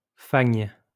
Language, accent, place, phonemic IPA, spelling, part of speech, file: French, France, Lyon, /faɲ/, fagne, noun, LL-Q150 (fra)-fagne.wav
- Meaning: marshland; fen